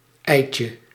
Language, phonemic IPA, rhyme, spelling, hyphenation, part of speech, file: Dutch, /ˈɛi̯.tjə/, -ɛi̯tjə, eitje, ei‧tje, noun, Nl-eitje.ogg
- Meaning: 1. diminutive of ei 2. breeze, cakewalk, cinch, doddle, piece of cake, walk in the park (something that is easy to do)